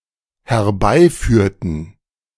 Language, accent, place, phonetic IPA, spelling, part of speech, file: German, Germany, Berlin, [hɛɐ̯ˈbaɪ̯ˌfyːɐ̯tn̩], herbeiführten, verb, De-herbeiführten.ogg
- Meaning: inflection of herbeiführen: 1. first/third-person plural dependent preterite 2. first/third-person plural dependent subjunctive II